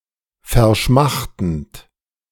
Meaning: present participle of verschmachten
- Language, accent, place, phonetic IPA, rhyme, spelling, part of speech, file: German, Germany, Berlin, [fɛɐ̯ˈʃmaxtn̩t], -axtn̩t, verschmachtend, verb, De-verschmachtend.ogg